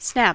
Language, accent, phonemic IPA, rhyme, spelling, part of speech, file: English, US, /snæp/, -æp, snap, noun / verb / interjection / adjective, En-us-snap.ogg
- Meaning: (noun) 1. A quick breaking or cracking sound or the action of producing such a sound 2. A sudden break 3. An attempt to seize, bite, attack, or grab